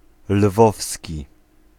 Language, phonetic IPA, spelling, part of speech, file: Polish, [ˈlvɔfsʲci], lwowski, adjective, Pl-lwowski.ogg